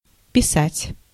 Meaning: 1. to write 2. to paint (a painting)
- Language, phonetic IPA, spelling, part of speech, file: Russian, [pʲɪˈsatʲ], писать, verb, Ru-писать.ogg